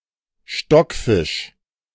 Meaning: stockfish
- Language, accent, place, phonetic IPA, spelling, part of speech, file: German, Germany, Berlin, [ˈʃtɔkˌfɪʃ], Stockfisch, noun, De-Stockfisch.ogg